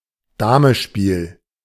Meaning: draughts (British), checkers (US)
- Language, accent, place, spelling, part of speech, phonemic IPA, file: German, Germany, Berlin, Damespiel, noun, /ˈdaːməʃpiːl/, De-Damespiel.ogg